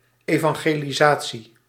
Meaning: 1. evangelisation (UK), evangelization (US) (activity of evangelising) 2. an orthodox Protestant club that engages in evangelisation or orthodox advocacy outside a congregation
- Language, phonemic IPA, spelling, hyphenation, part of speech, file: Dutch, /ˌeː.vɑŋ.ɣeː.liˈzaː.(t)si/, evangelisatie, evan‧ge‧li‧sa‧tie, noun, Nl-evangelisatie.ogg